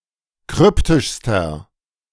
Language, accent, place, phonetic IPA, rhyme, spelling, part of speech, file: German, Germany, Berlin, [ˈkʁʏptɪʃstɐ], -ʏptɪʃstɐ, kryptischster, adjective, De-kryptischster.ogg
- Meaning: inflection of kryptisch: 1. strong/mixed nominative masculine singular superlative degree 2. strong genitive/dative feminine singular superlative degree 3. strong genitive plural superlative degree